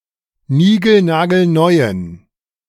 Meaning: inflection of nigelnagelneu: 1. strong genitive masculine/neuter singular 2. weak/mixed genitive/dative all-gender singular 3. strong/weak/mixed accusative masculine singular 4. strong dative plural
- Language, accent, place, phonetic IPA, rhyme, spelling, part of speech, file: German, Germany, Berlin, [ˈniːɡl̩naːɡl̩ˈnɔɪ̯ən], -ɔɪ̯ən, nigelnagelneuen, adjective, De-nigelnagelneuen.ogg